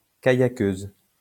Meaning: female equivalent of kayakeur
- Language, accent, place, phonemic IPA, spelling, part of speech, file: French, France, Lyon, /ka.ja.køz/, kayakeuse, noun, LL-Q150 (fra)-kayakeuse.wav